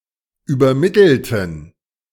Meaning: inflection of übermitteln: 1. first/third-person plural preterite 2. first/third-person plural subjunctive II
- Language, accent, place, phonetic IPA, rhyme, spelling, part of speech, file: German, Germany, Berlin, [yːbɐˈmɪtl̩tn̩], -ɪtl̩tn̩, übermittelten, adjective / verb, De-übermittelten.ogg